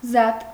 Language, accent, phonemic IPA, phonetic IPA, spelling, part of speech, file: Armenian, Eastern Armenian, /zɑt/, [zɑt], զատ, adjective / adverb / postposition, Hy-զատ.ogg
- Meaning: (adjective) isolated, separate; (adverb) separately, apart; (postposition) apart from